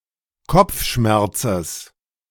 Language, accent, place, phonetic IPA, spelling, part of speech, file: German, Germany, Berlin, [ˈkɔp͡fˌʃmɛʁt͡səs], Kopfschmerzes, noun, De-Kopfschmerzes.ogg
- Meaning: genitive singular of Kopfschmerz